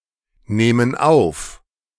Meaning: inflection of aufnehmen: 1. first/third-person plural present 2. first/third-person plural subjunctive I
- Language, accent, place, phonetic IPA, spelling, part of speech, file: German, Germany, Berlin, [ˌneːmən ˈaʊ̯f], nehmen auf, verb, De-nehmen auf.ogg